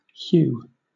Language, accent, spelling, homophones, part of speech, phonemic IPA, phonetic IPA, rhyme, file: English, Southern England, hew, hue / Hiw / Hugh, verb / noun, /hjuː/, [çuː], -uː, LL-Q1860 (eng)-hew.wav
- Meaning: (verb) 1. To chop away at; to whittle down; to mow down 2. To shape; to form 3. To act according to, to conform to; usually construed with to; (noun) Destruction by cutting down or hewing